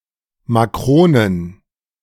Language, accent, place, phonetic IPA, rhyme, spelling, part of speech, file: German, Germany, Berlin, [maˈkʁoːnən], -oːnən, Makronen, noun, De-Makronen.ogg
- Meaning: plural of Makrone